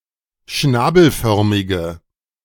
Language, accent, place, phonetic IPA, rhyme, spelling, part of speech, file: German, Germany, Berlin, [ˈʃnaːbl̩ˌfœʁmɪɡə], -aːbl̩fœʁmɪɡə, schnabelförmige, adjective, De-schnabelförmige.ogg
- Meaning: inflection of schnabelförmig: 1. strong/mixed nominative/accusative feminine singular 2. strong nominative/accusative plural 3. weak nominative all-gender singular